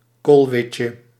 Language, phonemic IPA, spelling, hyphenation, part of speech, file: Dutch, /ˈkoːlˌʋɪt.jə/, koolwitje, kool‧wit‧je, noun, Nl-koolwitje.ogg
- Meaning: a cabbage white, one of two butterflies of the genus Pieris; either the small white (Pieris rapae) or the large white (Pieris brassicae)